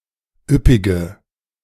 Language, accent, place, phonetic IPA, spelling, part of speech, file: German, Germany, Berlin, [ˈʏpɪɡə], üppige, adjective, De-üppige.ogg
- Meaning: inflection of üppig: 1. strong/mixed nominative/accusative feminine singular 2. strong nominative/accusative plural 3. weak nominative all-gender singular 4. weak accusative feminine/neuter singular